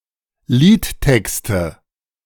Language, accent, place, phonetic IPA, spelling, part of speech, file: German, Germany, Berlin, [ˈliːtˌtɛkstə], Liedtexte, noun, De-Liedtexte.ogg
- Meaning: nominative/accusative/genitive plural of Liedtext